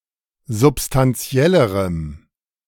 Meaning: strong dative masculine/neuter singular comparative degree of substantiell
- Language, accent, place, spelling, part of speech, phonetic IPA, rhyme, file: German, Germany, Berlin, substantiellerem, adjective, [zʊpstanˈt͡si̯ɛləʁəm], -ɛləʁəm, De-substantiellerem.ogg